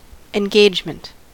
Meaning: 1. An appointment, especially to speak or perform 2. Connection or attachment 3. The feeling of being compelled, drawn in, connected to what is happening, interested in what will happen next
- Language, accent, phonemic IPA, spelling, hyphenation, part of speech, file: English, US, /ɪnˈɡeɪd͡ʒ.mənt/, engagement, en‧gage‧ment, noun, En-us-engagement.ogg